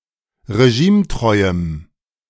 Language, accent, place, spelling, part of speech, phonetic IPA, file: German, Germany, Berlin, regimetreuem, adjective, [ʁeˈʒiːmˌtʁɔɪ̯əm], De-regimetreuem.ogg
- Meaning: strong dative masculine/neuter singular of regimetreu